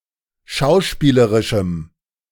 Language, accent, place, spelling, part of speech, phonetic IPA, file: German, Germany, Berlin, schauspielerischem, adjective, [ˈʃaʊ̯ˌʃpiːləʁɪʃm̩], De-schauspielerischem.ogg
- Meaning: strong dative masculine/neuter singular of schauspielerisch